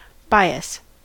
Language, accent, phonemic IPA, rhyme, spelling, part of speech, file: English, US, /ˈbaɪ.əs/, -aɪəs, bias, noun / verb / adjective / adverb, En-us-bias.ogg
- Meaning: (noun) 1. Inclination towards something 2. The diagonal line between warp and weft in a woven fabric